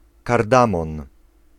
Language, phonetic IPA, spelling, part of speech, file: Polish, [karˈdãmɔ̃n], kardamon, noun, Pl-kardamon.ogg